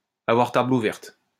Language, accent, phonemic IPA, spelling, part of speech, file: French, France, /a.vwaʁ tabl u.vɛʁt/, avoir table ouverte, verb, LL-Q150 (fra)-avoir table ouverte.wav
- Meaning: synonym of tenir table ouverte